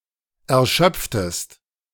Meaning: inflection of erschöpfen: 1. second-person singular preterite 2. second-person singular subjunctive II
- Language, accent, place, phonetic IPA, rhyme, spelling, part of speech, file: German, Germany, Berlin, [ɛɐ̯ˈʃœp͡ftəst], -œp͡ftəst, erschöpftest, verb, De-erschöpftest.ogg